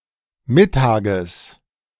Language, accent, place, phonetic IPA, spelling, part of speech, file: German, Germany, Berlin, [ˈmɪtaːɡəs], Mittages, noun, De-Mittages.ogg
- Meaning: genitive singular of Mittag